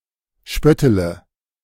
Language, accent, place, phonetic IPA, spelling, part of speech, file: German, Germany, Berlin, [ˈʃpœtələ], spöttele, verb, De-spöttele.ogg
- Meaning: inflection of spötteln: 1. first-person singular present 2. first-person plural subjunctive I 3. third-person singular subjunctive I 4. singular imperative